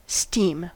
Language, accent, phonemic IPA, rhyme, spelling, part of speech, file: English, General American, /stiːm/, -iːm, steam, noun / verb / adjective, En-us-steam.ogg
- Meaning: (noun) The hot gaseous form of water, formed when water changes from the liquid phase to the gas phase (at or above its boiling point temperature)